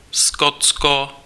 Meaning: Scotland (a constituent country of the United Kingdom)
- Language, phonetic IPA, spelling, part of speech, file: Czech, [ˈskotsko], Skotsko, proper noun, Cs-Skotsko.ogg